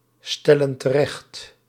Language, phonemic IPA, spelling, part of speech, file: Dutch, /ˈstɛlə(n) təˈrɛxt/, stellen terecht, verb, Nl-stellen terecht.ogg
- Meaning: inflection of terechtstellen: 1. plural present indicative 2. plural present subjunctive